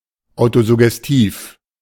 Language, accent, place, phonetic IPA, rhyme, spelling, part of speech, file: German, Germany, Berlin, [ˌaʊ̯tozʊɡɛsˈtiːf], -iːf, autosuggestiv, adjective, De-autosuggestiv.ogg
- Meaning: autosuggestive